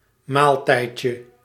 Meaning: diminutive of maaltijd
- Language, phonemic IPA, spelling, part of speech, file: Dutch, /ˈmaltɛicə/, maaltijdje, noun, Nl-maaltijdje.ogg